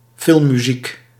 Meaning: film music, the score of a movie
- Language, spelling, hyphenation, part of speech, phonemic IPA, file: Dutch, filmmuziek, film‧mu‧ziek, noun, /ˈfɪl(m).myˌzik/, Nl-filmmuziek.ogg